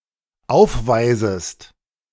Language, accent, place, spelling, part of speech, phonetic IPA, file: German, Germany, Berlin, aufweisest, verb, [ˈaʊ̯fˌvaɪ̯zəst], De-aufweisest.ogg
- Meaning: second-person singular dependent subjunctive I of aufweisen